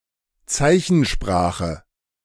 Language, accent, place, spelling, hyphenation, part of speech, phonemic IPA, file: German, Germany, Berlin, Zeichensprache, Zei‧chen‧spra‧che, noun, /ˈt͡saɪ̯çn̩ˌʃpʁaːxə/, De-Zeichensprache.ogg
- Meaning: sign language